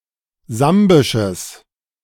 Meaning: strong/mixed nominative/accusative neuter singular of sambisch
- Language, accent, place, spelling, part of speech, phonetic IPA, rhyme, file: German, Germany, Berlin, sambisches, adjective, [ˈzambɪʃəs], -ambɪʃəs, De-sambisches.ogg